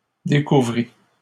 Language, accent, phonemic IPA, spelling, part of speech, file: French, Canada, /de.ku.vʁi/, découvris, verb, LL-Q150 (fra)-découvris.wav
- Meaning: first/second-person singular past historic of découvrir